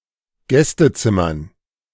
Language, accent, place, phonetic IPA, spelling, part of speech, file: German, Germany, Berlin, [ˈɡɛstəˌt͡sɪmɐn], Gästezimmern, noun, De-Gästezimmern.ogg
- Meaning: dative plural of Gästezimmer